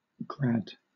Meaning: 1. Clipping of graduate 2. Clipping of graduation 3. Abbreviation of gradian
- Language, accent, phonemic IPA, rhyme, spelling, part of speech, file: English, Southern England, /ɡɹæd/, -æd, grad, noun, LL-Q1860 (eng)-grad.wav